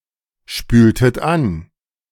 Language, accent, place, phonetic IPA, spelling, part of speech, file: German, Germany, Berlin, [ˌʃpyːltət ˈan], spültet an, verb, De-spültet an.ogg
- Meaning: inflection of anspülen: 1. second-person plural preterite 2. second-person plural subjunctive II